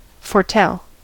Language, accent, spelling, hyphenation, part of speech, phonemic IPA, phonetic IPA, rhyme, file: English, US, foretell, fore‧tell, verb, /fɔɹˈtɛl/, [fɔɹˈtɛɫ], -ɛl, En-us-foretell.ogg
- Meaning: 1. To predict; to tell (the future) before it occurs; to prophesy 2. To tell (a person) of the future